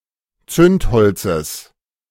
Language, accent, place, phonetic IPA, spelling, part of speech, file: German, Germany, Berlin, [ˈt͡sʏntˌhɔlt͡səs], Zündholzes, noun, De-Zündholzes.ogg
- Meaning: genitive singular of Zündholz